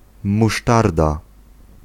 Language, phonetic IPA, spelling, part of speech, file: Polish, [muˈʃtarda], musztarda, noun, Pl-musztarda.ogg